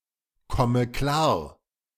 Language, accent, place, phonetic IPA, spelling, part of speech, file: German, Germany, Berlin, [ˌkɔmə ˈklaːɐ̯], komme klar, verb, De-komme klar.ogg
- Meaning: inflection of klarkommen: 1. first-person singular present 2. first/third-person singular subjunctive I 3. singular imperative